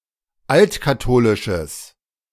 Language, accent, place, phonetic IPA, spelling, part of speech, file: German, Germany, Berlin, [ˈaltkaˌtoːlɪʃəs], altkatholisches, adjective, De-altkatholisches.ogg
- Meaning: strong/mixed nominative/accusative neuter singular of altkatholisch